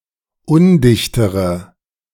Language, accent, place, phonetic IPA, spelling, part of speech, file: German, Germany, Berlin, [ˈʊndɪçtəʁə], undichtere, adjective, De-undichtere.ogg
- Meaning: inflection of undicht: 1. strong/mixed nominative/accusative feminine singular comparative degree 2. strong nominative/accusative plural comparative degree